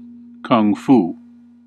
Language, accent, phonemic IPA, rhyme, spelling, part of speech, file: English, US, /ˈkʌŋ ˈfuː/, -uː, kung fu, noun / verb, En-us-kung fu.ogg
- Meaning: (noun) 1. A Chinese martial art 2. The Chinese martial arts collectively 3. A mastery of or expertise in a skill